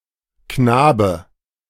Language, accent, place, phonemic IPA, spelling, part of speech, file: German, Germany, Berlin, /ˈknaːbə/, Knabe, noun, De-Knabe.ogg
- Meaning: knave, boy, lad